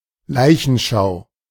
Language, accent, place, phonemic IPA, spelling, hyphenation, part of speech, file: German, Germany, Berlin, /ˈlaɪ̯çənˌʃaʊ̯/, Leichenschau, Lei‧chen‧schau, noun, De-Leichenschau.ogg
- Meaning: coroner's inquest, post mortem (whether it involve dissection or not, but especially when not)